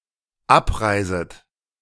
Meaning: second-person plural dependent subjunctive I of abreisen
- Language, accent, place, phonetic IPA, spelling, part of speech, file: German, Germany, Berlin, [ˈapˌʁaɪ̯zət], abreiset, verb, De-abreiset.ogg